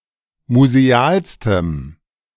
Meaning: strong dative masculine/neuter singular superlative degree of museal
- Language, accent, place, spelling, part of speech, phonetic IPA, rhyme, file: German, Germany, Berlin, musealstem, adjective, [muzeˈaːlstəm], -aːlstəm, De-musealstem.ogg